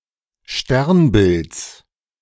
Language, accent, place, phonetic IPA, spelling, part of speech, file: German, Germany, Berlin, [ˈʃtɛʁnˌbɪlt͡s], Sternbilds, noun, De-Sternbilds.ogg
- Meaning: genitive of Sternbild